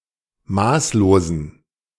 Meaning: inflection of maßlos: 1. strong genitive masculine/neuter singular 2. weak/mixed genitive/dative all-gender singular 3. strong/weak/mixed accusative masculine singular 4. strong dative plural
- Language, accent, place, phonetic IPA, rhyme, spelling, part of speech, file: German, Germany, Berlin, [ˈmaːsloːzn̩], -aːsloːzn̩, maßlosen, adjective, De-maßlosen.ogg